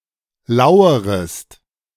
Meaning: second-person singular subjunctive I of lauern
- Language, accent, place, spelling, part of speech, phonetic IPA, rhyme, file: German, Germany, Berlin, lauerest, verb, [ˈlaʊ̯əʁəst], -aʊ̯əʁəst, De-lauerest.ogg